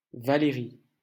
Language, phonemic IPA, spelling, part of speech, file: French, /va.le.ʁi/, Valéry, proper noun, LL-Q150 (fra)-Valéry.wav
- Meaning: a male given name from Latin Valerius